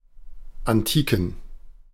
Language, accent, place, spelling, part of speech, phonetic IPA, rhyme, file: German, Germany, Berlin, Antiken, noun, [anˈtiːkn̩], -iːkn̩, De-Antiken.ogg
- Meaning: plural of Antike